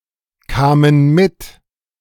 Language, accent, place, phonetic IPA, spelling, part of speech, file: German, Germany, Berlin, [ˌkaːmən ˈmɪt], kamen mit, verb, De-kamen mit.ogg
- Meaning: first/third-person plural preterite of mitkommen